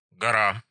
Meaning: 1. mountain 2. heap, pile
- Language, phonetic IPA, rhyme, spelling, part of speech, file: Russian, [ɡɐˈra], -a, гора, noun, Ru-гора.ogg